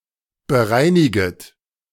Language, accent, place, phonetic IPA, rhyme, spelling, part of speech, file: German, Germany, Berlin, [bəˈʁaɪ̯nɪɡət], -aɪ̯nɪɡət, bereiniget, verb, De-bereiniget.ogg
- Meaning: second-person plural subjunctive I of bereinigen